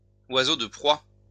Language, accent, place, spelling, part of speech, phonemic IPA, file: French, France, Lyon, oiseau de proie, noun, /wa.zo də pʁwa/, LL-Q150 (fra)-oiseau de proie.wav
- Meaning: bird of prey